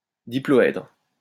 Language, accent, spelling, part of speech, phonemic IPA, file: French, France, diploèdre, noun, /di.plɔ.ɛdʁ/, LL-Q150 (fra)-diploèdre.wav
- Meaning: diplohedron